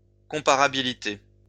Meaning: comparability; comparableness
- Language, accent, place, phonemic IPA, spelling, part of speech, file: French, France, Lyon, /kɔ̃.pa.ʁa.bi.li.te/, comparabilité, noun, LL-Q150 (fra)-comparabilité.wav